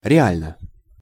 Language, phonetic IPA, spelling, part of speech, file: Russian, [rʲɪˈalʲnə], реально, adverb / adjective, Ru-реально.ogg
- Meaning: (adverb) 1. really, in reality 2. objectively 3. specifically, factually; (adjective) short neuter singular of реа́льный (reálʹnyj)